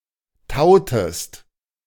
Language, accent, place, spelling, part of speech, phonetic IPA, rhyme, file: German, Germany, Berlin, tautest, verb, [ˈtaʊ̯təst], -aʊ̯təst, De-tautest.ogg
- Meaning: inflection of tauen: 1. second-person singular preterite 2. second-person singular subjunctive II